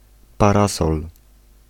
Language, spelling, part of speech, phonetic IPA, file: Polish, parasol, noun, [paˈrasɔl], Pl-parasol.ogg